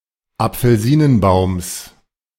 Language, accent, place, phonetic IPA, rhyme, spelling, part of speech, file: German, Germany, Berlin, [ap͡fl̩ˈziːnənˌbaʊ̯ms], -iːnənbaʊ̯ms, Apfelsinenbaums, noun, De-Apfelsinenbaums.ogg
- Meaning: genitive singular of Apfelsinenbaum